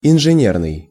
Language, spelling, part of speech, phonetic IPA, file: Russian, инженерный, adjective, [ɪnʐɨˈnʲernɨj], Ru-инженерный.ogg
- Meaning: engineers, engineering